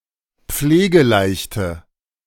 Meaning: inflection of pflegeleicht: 1. strong/mixed nominative/accusative feminine singular 2. strong nominative/accusative plural 3. weak nominative all-gender singular
- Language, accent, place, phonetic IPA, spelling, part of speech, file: German, Germany, Berlin, [ˈp͡fleːɡəˌlaɪ̯çtə], pflegeleichte, adjective, De-pflegeleichte.ogg